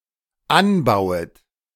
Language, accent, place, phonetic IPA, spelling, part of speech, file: German, Germany, Berlin, [ˈanˌbaʊ̯ət], anbauet, verb, De-anbauet.ogg
- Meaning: second-person plural dependent subjunctive I of anbauen